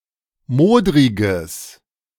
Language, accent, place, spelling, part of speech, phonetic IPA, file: German, Germany, Berlin, modriges, adjective, [ˈmoːdʁɪɡəs], De-modriges.ogg
- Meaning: strong/mixed nominative/accusative neuter singular of modrig